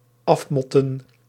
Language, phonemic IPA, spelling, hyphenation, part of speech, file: Dutch, /ˈɑfmɔtə(n)/, afmotten, af‧mot‧ten, verb, Nl-afmotten.ogg
- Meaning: to clobber a person fiercely (with one's fists)